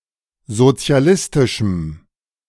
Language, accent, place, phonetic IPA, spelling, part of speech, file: German, Germany, Berlin, [zot͡si̯aˈlɪstɪʃm̩], sozialistischem, adjective, De-sozialistischem.ogg
- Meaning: strong dative masculine/neuter singular of sozialistisch